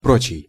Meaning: other
- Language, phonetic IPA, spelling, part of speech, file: Russian, [ˈprot͡ɕɪj], прочий, adjective, Ru-прочий.ogg